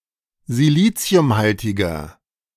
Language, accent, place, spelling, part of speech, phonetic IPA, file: German, Germany, Berlin, siliziumhaltiger, adjective, [ziˈliːt͡si̯ʊmˌhaltɪɡɐ], De-siliziumhaltiger.ogg
- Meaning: inflection of siliziumhaltig: 1. strong/mixed nominative masculine singular 2. strong genitive/dative feminine singular 3. strong genitive plural